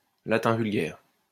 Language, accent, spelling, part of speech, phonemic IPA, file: French, France, latin vulgaire, noun, /la.tɛ̃ vyl.ɡɛʁ/, LL-Q150 (fra)-latin vulgaire.wav
- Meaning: Vulgar Latin